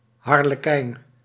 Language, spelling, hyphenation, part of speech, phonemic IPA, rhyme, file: Dutch, harlekijn, har‧le‧kijn, noun, /ˌɦɑr.ləˈkɛi̯n/, -ɛi̯n, Nl-harlekijn.ogg
- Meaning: harlequin (type of mime)